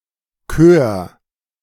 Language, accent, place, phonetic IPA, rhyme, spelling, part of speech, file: German, Germany, Berlin, [køːɐ̯], -øːɐ̯, kör, verb, De-kör.ogg
- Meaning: 1. singular imperative of kören 2. first-person singular present of kören